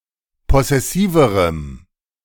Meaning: strong dative masculine/neuter singular comparative degree of possessiv
- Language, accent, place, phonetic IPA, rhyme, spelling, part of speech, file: German, Germany, Berlin, [ˌpɔsɛˈsiːvəʁəm], -iːvəʁəm, possessiverem, adjective, De-possessiverem.ogg